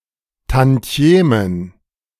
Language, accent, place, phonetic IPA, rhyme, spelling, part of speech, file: German, Germany, Berlin, [tɑ̃ˈti̯eːmən], -eːmən, Tantiemen, noun, De-Tantiemen.ogg
- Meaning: plural of Tantieme